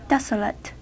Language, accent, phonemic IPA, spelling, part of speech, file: English, US, /ˈdɛs.ə.lət/, desolate, adjective, En-us-desolate.ogg
- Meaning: 1. Deserted and devoid of inhabitants 2. Barren and lifeless 3. Made unfit for habitation or use because of neglect, destruction etc 4. Dismal or dreary 5. Sad, forlorn and hopeless